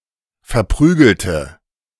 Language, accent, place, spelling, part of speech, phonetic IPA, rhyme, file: German, Germany, Berlin, verprügelte, adjective / verb, [fɛɐ̯ˈpʁyːɡl̩tə], -yːɡl̩tə, De-verprügelte.ogg
- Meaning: inflection of verprügeln: 1. first/third-person singular preterite 2. first/third-person singular subjunctive II